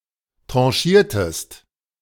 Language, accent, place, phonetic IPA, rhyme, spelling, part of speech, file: German, Germany, Berlin, [ˌtʁɑ̃ˈʃiːɐ̯təst], -iːɐ̯təst, tranchiertest, verb, De-tranchiertest.ogg
- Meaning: inflection of tranchieren: 1. second-person singular preterite 2. second-person singular subjunctive II